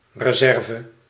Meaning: 1. reserve, emergency supply (that which is reserved, or kept back, as for future use) 2. military reserves 3. reservation, restraint 4. forced estate, legitime 5. alternate, substitute, reserve
- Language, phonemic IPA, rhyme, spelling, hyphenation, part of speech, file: Dutch, /rəˈzɛr.və/, -ɛrvə, reserve, re‧ser‧ve, noun, Nl-reserve.ogg